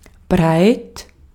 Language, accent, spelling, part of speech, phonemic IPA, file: German, Austria, breit, adjective, /bʁaɪ̯t/, De-at-breit.ogg
- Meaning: 1. broad, wide 2. wide 3. drunk or high on marijuana; stoned